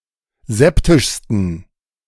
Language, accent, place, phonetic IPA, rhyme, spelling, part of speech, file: German, Germany, Berlin, [ˈzɛptɪʃstn̩], -ɛptɪʃstn̩, septischsten, adjective, De-septischsten.ogg
- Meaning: 1. superlative degree of septisch 2. inflection of septisch: strong genitive masculine/neuter singular superlative degree